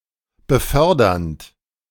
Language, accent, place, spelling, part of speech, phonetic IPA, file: German, Germany, Berlin, befördernd, verb, [bəˈfœʁdɐnt], De-befördernd.ogg
- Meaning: present participle of befördern